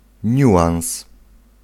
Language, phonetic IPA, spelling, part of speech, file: Polish, [ˈɲuʷãw̃s], niuans, noun, Pl-niuans.ogg